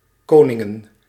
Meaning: plural of koning
- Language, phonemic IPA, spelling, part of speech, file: Dutch, /ˈkonɪŋə(n)/, koningen, noun, Nl-koningen.ogg